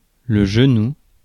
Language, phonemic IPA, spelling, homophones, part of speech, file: French, /ʒə.nu/, genou, genoux, noun, Fr-genou.ogg
- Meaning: 1. knee 2. lap